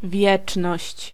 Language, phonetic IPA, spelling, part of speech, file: Polish, [ˈvʲjɛt͡ʃnɔɕt͡ɕ], wieczność, noun, Pl-wieczność.ogg